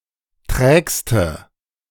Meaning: inflection of träge: 1. strong/mixed nominative/accusative feminine singular superlative degree 2. strong nominative/accusative plural superlative degree
- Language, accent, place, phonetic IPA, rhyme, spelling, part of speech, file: German, Germany, Berlin, [ˈtʁɛːkstə], -ɛːkstə, trägste, adjective, De-trägste.ogg